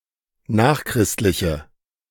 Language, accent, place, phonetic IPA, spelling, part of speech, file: German, Germany, Berlin, [ˈnaːxˌkʁɪstlɪçə], nachchristliche, adjective, De-nachchristliche.ogg
- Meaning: inflection of nachchristlich: 1. strong/mixed nominative/accusative feminine singular 2. strong nominative/accusative plural 3. weak nominative all-gender singular